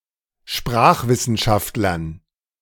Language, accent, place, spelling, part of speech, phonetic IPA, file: German, Germany, Berlin, Sprachwissenschaftlern, noun, [ˈʃpʁaːxvɪsn̩ˌʃaftlɐn], De-Sprachwissenschaftlern.ogg
- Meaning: dative plural of Sprachwissenschaftler